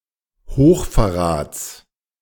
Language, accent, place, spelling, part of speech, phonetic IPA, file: German, Germany, Berlin, Hochverrats, noun, [ˈhoːxfɛɐ̯ˌʁaːt͡s], De-Hochverrats.ogg
- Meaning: genitive singular of Hochverrat